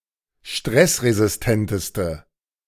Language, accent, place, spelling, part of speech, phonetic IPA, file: German, Germany, Berlin, stressresistenteste, adjective, [ˈʃtʁɛsʁezɪsˌtɛntəstə], De-stressresistenteste.ogg
- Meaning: inflection of stressresistent: 1. strong/mixed nominative/accusative feminine singular superlative degree 2. strong nominative/accusative plural superlative degree